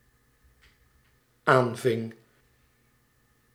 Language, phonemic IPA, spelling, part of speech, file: Dutch, /ˈaɱvɪŋ/, aanving, verb, Nl-aanving.ogg
- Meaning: singular dependent-clause past indicative of aanvangen